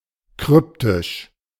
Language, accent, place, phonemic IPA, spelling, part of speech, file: German, Germany, Berlin, /ˈkʁʏptɪʃ/, kryptisch, adjective, De-kryptisch.ogg
- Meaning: cryptic